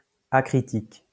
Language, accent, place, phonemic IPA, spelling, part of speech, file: French, France, Lyon, /a.kʁi.tik/, acritique, adjective, LL-Q150 (fra)-acritique.wav
- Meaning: acritical, uncritical